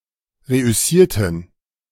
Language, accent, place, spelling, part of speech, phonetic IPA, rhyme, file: German, Germany, Berlin, reüssierten, adjective / verb, [ˌʁeʔʏˈsiːɐ̯tn̩], -iːɐ̯tn̩, De-reüssierten.ogg
- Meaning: inflection of reüssieren: 1. first/third-person plural preterite 2. first/third-person plural subjunctive II